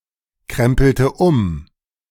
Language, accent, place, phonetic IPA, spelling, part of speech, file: German, Germany, Berlin, [ˌkʁɛmpl̩tə ˈʊm], krempelte um, verb, De-krempelte um.ogg
- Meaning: inflection of umkrempeln: 1. first/third-person singular preterite 2. first/third-person singular subjunctive II